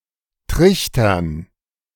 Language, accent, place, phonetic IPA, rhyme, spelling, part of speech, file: German, Germany, Berlin, [ˈtʁɪçtɐn], -ɪçtɐn, Trichtern, noun, De-Trichtern.ogg
- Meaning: dative plural of Trichter